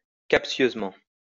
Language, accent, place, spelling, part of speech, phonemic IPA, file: French, France, Lyon, captieusement, adverb, /kap.sjøz.mɑ̃/, LL-Q150 (fra)-captieusement.wav
- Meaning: speciously, misleadingly, sophistically